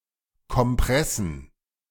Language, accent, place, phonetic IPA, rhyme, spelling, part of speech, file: German, Germany, Berlin, [kɔmˈpʁɛsn̩], -ɛsn̩, Kompressen, noun, De-Kompressen.ogg
- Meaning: plural of Kompresse